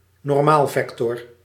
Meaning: a vector that is perpendicular to another element (e.g. a plane or line)
- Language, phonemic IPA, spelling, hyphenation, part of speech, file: Dutch, /nɔrˈmaːlˌvɛk.tɔr/, normaalvector, normaal‧vector, noun, Nl-normaalvector.ogg